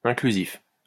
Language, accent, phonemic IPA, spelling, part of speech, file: French, France, /ɛ̃.kly.zif/, inclusif, adjective, LL-Q150 (fra)-inclusif.wav
- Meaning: inclusive